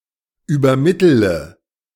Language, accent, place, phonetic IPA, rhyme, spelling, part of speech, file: German, Germany, Berlin, [yːbɐˈmɪtələ], -ɪtələ, übermittele, verb, De-übermittele.ogg
- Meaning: inflection of übermitteln: 1. first-person singular present 2. first/third-person singular subjunctive I 3. singular imperative